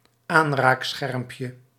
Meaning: diminutive of aanraakscherm
- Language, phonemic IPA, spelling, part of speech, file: Dutch, /ˈanrakˌsxɛrᵊmpjə/, aanraakschermpje, noun, Nl-aanraakschermpje.ogg